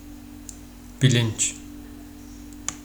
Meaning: 1. awareness, conscience 2. consciousness
- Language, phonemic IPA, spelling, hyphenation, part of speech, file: Turkish, /biˈlint͡ʃ/, bilinç, bi‧linç, noun, Tr-bilinç.oga